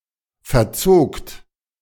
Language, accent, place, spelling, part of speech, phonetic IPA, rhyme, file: German, Germany, Berlin, verzogt, verb, [fɛɐ̯ˈt͡soːkt], -oːkt, De-verzogt.ogg
- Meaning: second-person plural preterite of verziehen